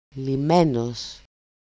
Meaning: 1. untied 2. solved 3. and see λύνω
- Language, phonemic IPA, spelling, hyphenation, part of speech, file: Greek, /liˈme.nos/, λυμένος, λυ‧μέ‧νος, verb, El-λυμένος.ogg